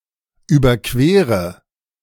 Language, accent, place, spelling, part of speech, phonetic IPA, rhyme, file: German, Germany, Berlin, überquere, verb, [ˌyːbɐˈkveːʁə], -eːʁə, De-überquere.ogg
- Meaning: inflection of überqueren: 1. first-person singular present 2. first/third-person singular subjunctive I 3. singular imperative